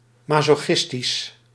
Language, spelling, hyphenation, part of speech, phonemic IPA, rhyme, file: Dutch, masochistisch, ma‧so‧chis‧tisch, adjective, /ˌmɑ.soːˈxɪs.tis/, -ɪstis, Nl-masochistisch.ogg
- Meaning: 1. masochistic, masochist 2. pertaining to or characteristic of a glutton for punishment